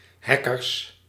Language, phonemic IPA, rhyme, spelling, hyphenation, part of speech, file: Dutch, /ˈɦɛ.kərs/, -ɛkərs, hackers, hac‧kers, noun, Nl-hackers.ogg
- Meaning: plural of hacker